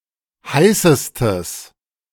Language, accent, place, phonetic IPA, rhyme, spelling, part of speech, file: German, Germany, Berlin, [ˈhaɪ̯səstəs], -aɪ̯səstəs, heißestes, adjective, De-heißestes.ogg
- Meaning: strong/mixed nominative/accusative neuter singular superlative degree of heiß